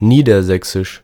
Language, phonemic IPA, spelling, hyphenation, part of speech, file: German, /ˈniːdɐˌzɛksɪʃ/, niedersächsisch, nie‧der‧säch‧sisch, adjective, De-niedersächsisch.ogg
- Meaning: 1. from or pertaining to the German state of Lower Saxony 2. Low Saxon